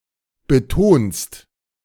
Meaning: second-person singular present of betonen
- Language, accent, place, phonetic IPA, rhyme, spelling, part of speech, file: German, Germany, Berlin, [bəˈtoːnst], -oːnst, betonst, verb, De-betonst.ogg